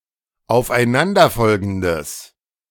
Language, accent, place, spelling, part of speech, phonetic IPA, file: German, Germany, Berlin, aufeinanderfolgendes, adjective, [aʊ̯fʔaɪ̯ˈnandɐˌfɔlɡn̩dəs], De-aufeinanderfolgendes.ogg
- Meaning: strong/mixed nominative/accusative neuter singular of aufeinanderfolgend